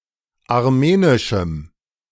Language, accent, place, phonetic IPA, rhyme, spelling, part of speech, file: German, Germany, Berlin, [aʁˈmeːnɪʃm̩], -eːnɪʃm̩, armenischem, adjective, De-armenischem.ogg
- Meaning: strong dative masculine/neuter singular of armenisch